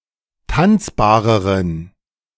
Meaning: inflection of tanzbar: 1. strong genitive masculine/neuter singular comparative degree 2. weak/mixed genitive/dative all-gender singular comparative degree
- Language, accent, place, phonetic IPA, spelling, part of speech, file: German, Germany, Berlin, [ˈtant͡sbaːʁəʁən], tanzbareren, adjective, De-tanzbareren.ogg